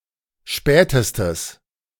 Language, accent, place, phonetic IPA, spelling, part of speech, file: German, Germany, Berlin, [ˈʃpɛːtəstəs], spätestes, adjective, De-spätestes.ogg
- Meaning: strong/mixed nominative/accusative neuter singular superlative degree of spät